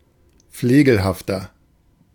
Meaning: 1. comparative degree of flegelhaft 2. inflection of flegelhaft: strong/mixed nominative masculine singular 3. inflection of flegelhaft: strong genitive/dative feminine singular
- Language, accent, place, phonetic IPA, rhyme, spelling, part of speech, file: German, Germany, Berlin, [ˈfleːɡl̩haftɐ], -eːɡl̩haftɐ, flegelhafter, adjective, De-flegelhafter.ogg